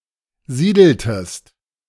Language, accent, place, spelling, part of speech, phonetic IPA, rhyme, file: German, Germany, Berlin, siedeltest, verb, [ˈziːdl̩təst], -iːdl̩təst, De-siedeltest.ogg
- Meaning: inflection of siedeln: 1. second-person singular preterite 2. second-person singular subjunctive II